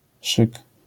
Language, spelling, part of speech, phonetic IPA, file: Polish, szyk, noun, [ʃɨk], LL-Q809 (pol)-szyk.wav